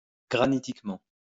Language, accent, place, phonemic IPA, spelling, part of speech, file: French, France, Lyon, /ɡʁa.ni.tik.mɑ̃/, granitiquement, adverb, LL-Q150 (fra)-granitiquement.wav
- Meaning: granitically